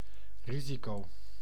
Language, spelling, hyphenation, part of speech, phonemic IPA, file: Dutch, risico, ri‧si‧co, noun, /ˈri.zi.koː/, Nl-risico.ogg
- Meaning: risk